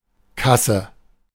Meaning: 1. cash register, cash box 2. cash desk, (supermarket) checkout, (film etc.) box office 3. ellipsis of Krankenkasse; health insurance institution
- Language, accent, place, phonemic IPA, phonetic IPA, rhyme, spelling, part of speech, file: German, Germany, Berlin, /ˈkasə/, [ˈkʰasə], -asə, Kasse, noun, De-Kasse.ogg